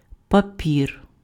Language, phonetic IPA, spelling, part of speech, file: Ukrainian, [pɐˈpʲir], папір, noun, Uk-папір.ogg
- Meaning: 1. paper (material for writing on, absorption, etc.) 2. paper, document